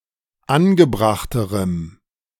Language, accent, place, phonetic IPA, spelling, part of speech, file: German, Germany, Berlin, [ˈanɡəˌbʁaxtəʁəm], angebrachterem, adjective, De-angebrachterem.ogg
- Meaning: strong dative masculine/neuter singular comparative degree of angebracht